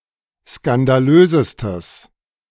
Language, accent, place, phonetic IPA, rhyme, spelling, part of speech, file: German, Germany, Berlin, [skandaˈløːzəstəs], -øːzəstəs, skandalösestes, adjective, De-skandalösestes.ogg
- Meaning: strong/mixed nominative/accusative neuter singular superlative degree of skandalös